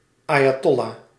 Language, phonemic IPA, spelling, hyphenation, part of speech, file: Dutch, /ˌaː.jaːˈtɔ.laː/, ayatollah, aya‧tol‧lah, noun, Nl-ayatollah.ogg
- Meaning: 1. a religious leader in Twelver Shi'ism 2. highest grade of theological scholarship in Shi'ism 3. a (thought) leader or key figure in general